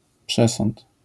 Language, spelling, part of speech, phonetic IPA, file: Polish, przesąd, noun, [ˈpʃɛsɔ̃nt], LL-Q809 (pol)-przesąd.wav